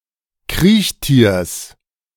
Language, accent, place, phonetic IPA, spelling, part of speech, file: German, Germany, Berlin, [ˈkʁiːçˌtiːɐ̯s], Kriechtiers, noun, De-Kriechtiers.ogg
- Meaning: genitive of Kriechtier